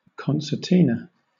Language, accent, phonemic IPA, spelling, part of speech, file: English, Southern England, /ˌkɒnsəˈtiːnə/, concertina, noun / verb, LL-Q1860 (eng)-concertina.wav
- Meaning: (noun) A musical instrument, like the various accordions, that is a member of the free-reed family of musical instruments, typically having buttons on both ends